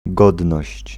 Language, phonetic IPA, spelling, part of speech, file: Polish, [ˈɡɔdnɔɕt͡ɕ], godność, noun, Pl-godność.ogg